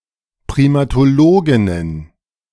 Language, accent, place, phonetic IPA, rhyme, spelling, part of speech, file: German, Germany, Berlin, [pʁimatoˈloːɡɪnən], -oːɡɪnən, Primatologinnen, noun, De-Primatologinnen.ogg
- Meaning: plural of Primatologin